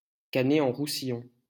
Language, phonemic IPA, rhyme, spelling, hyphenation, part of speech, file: French, /ʁu.si.jɔ̃/, -ɔ̃, Roussillon, Rous‧sil‧lon, proper noun, LL-Q150 (fra)-Roussillon.wav
- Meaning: 1. Roussillon (a region of the Occitania region, France) 2. a regional county municipality of Montérégie, Quebec, Canada 3. a village in Isère department, Auvergne-Rhône-Alpes region, France